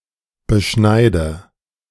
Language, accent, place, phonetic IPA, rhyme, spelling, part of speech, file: German, Germany, Berlin, [bəˈʃnaɪ̯də], -aɪ̯də, beschneide, verb, De-beschneide.ogg
- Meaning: inflection of beschneiden: 1. first-person singular present 2. first/third-person singular subjunctive I 3. singular imperative